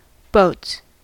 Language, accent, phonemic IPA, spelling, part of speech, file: English, US, /boʊts/, boats, noun / verb, En-us-boats.ogg
- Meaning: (noun) plural of boat; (verb) third-person singular simple present indicative of boat